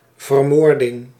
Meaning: the act of murdering, murder
- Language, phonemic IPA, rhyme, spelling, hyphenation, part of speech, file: Dutch, /vərˈmoːr.dɪŋ/, -oːrdɪŋ, vermoording, ver‧moor‧ding, noun, Nl-vermoording.ogg